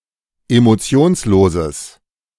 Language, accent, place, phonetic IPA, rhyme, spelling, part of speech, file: German, Germany, Berlin, [emoˈt͡si̯oːnsˌloːzəs], -oːnsloːzəs, emotionsloses, adjective, De-emotionsloses.ogg
- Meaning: strong/mixed nominative/accusative neuter singular of emotionslos